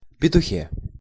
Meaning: prepositional singular of пету́х (petúx)
- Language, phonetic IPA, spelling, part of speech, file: Russian, [pʲɪtʊˈxʲe], петухе, noun, Ru-петухе.ogg